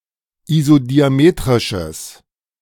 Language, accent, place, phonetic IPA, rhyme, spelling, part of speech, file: German, Germany, Berlin, [izodiaˈmeːtʁɪʃəs], -eːtʁɪʃəs, isodiametrisches, adjective, De-isodiametrisches.ogg
- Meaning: strong/mixed nominative/accusative neuter singular of isodiametrisch